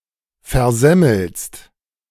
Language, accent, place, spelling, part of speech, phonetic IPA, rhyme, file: German, Germany, Berlin, versemmelst, verb, [fɛɐ̯ˈzɛml̩st], -ɛml̩st, De-versemmelst.ogg
- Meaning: second-person singular present of versemmeln